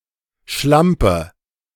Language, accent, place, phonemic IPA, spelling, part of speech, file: German, Germany, Berlin, /ˈʃlampə/, Schlampe, noun, De-Schlampe.ogg
- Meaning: 1. unkempt woman, one who is lazy in grooming her body or her domestic environment 2. sexually promiscuous woman, slut